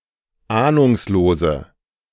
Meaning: inflection of ahnungslos: 1. strong/mixed nominative/accusative feminine singular 2. strong nominative/accusative plural 3. weak nominative all-gender singular
- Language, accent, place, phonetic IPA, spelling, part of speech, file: German, Germany, Berlin, [ˈaːnʊŋsloːzə], ahnungslose, adjective, De-ahnungslose.ogg